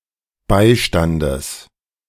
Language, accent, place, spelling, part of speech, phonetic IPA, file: German, Germany, Berlin, Beistandes, noun, [ˈbaɪ̯ˌʃtandəs], De-Beistandes.ogg
- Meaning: genitive singular of Beistand